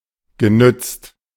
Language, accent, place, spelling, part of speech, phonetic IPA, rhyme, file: German, Germany, Berlin, genützt, verb, [ɡəˈnʏt͡st], -ʏt͡st, De-genützt.ogg
- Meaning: past participle of nützen